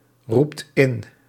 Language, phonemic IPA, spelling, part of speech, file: Dutch, /ˈrupt ˈɪn/, roept in, verb, Nl-roept in.ogg
- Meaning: inflection of inroepen: 1. second/third-person singular present indicative 2. plural imperative